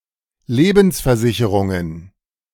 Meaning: plural of Lebensversicherung
- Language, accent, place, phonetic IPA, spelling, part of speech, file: German, Germany, Berlin, [ˈleːbn̩sfɛɐ̯ˌzɪçəʁʊŋən], Lebensversicherungen, noun, De-Lebensversicherungen.ogg